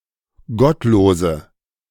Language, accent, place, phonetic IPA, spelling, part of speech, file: German, Germany, Berlin, [ˈɡɔtˌloːzə], gottlose, adjective, De-gottlose.ogg
- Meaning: inflection of gottlos: 1. strong/mixed nominative/accusative feminine singular 2. strong nominative/accusative plural 3. weak nominative all-gender singular 4. weak accusative feminine/neuter singular